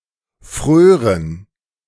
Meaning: first/third-person plural subjunctive II of frieren
- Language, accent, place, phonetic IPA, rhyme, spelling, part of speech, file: German, Germany, Berlin, [ˈfʁøːʁən], -øːʁən, frören, verb, De-frören.ogg